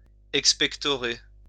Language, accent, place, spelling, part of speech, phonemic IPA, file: French, France, Lyon, expectorer, verb, /ɛk.spɛk.tɔ.ʁe/, LL-Q150 (fra)-expectorer.wav
- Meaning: to expectorate